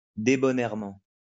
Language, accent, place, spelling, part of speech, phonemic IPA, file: French, France, Lyon, débonnairement, adverb, /de.bɔ.nɛʁ.mɑ̃/, LL-Q150 (fra)-débonnairement.wav
- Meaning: good-naturedly